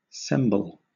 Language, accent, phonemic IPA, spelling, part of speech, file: English, Southern England, /ˈsɛmbəl/, semble, verb / adjective, LL-Q1860 (eng)-semble.wav
- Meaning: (verb) 1. To imitate; to make a representation or likeness 2. It seems; it appears that; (adjective) Like; resembling